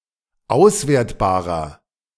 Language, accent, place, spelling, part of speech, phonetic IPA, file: German, Germany, Berlin, auswertbarer, adjective, [ˈaʊ̯sˌveːɐ̯tbaːʁɐ], De-auswertbarer.ogg
- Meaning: inflection of auswertbar: 1. strong/mixed nominative masculine singular 2. strong genitive/dative feminine singular 3. strong genitive plural